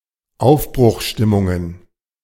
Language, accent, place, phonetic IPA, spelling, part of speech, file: German, Germany, Berlin, [ˈaʊ̯fbʁʊxˌʃtɪmʊŋən], Aufbruchstimmungen, noun, De-Aufbruchstimmungen.ogg
- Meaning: plural of Aufbruchstimmung